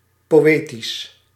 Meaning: poetic
- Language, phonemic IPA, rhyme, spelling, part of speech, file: Dutch, /ˌpoːˈeː.tis/, -eːtis, poëtisch, adjective, Nl-poëtisch.ogg